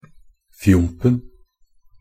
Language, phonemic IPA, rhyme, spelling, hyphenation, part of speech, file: Norwegian Bokmål, /ˈfjʊmpn̩/, -ʊmpn̩, fjompen, fjomp‧en, noun, Nb-fjompen.ogg
- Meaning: definite singular of fjomp